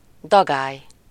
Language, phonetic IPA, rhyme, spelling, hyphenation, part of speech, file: Hungarian, [ˈdɒɡaːj], -aːj, dagály, da‧gály, noun, Hu-dagály.ogg
- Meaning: high tide